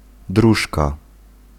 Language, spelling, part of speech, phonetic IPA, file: Polish, dróżka, noun, [ˈdruʃka], Pl-dróżka.ogg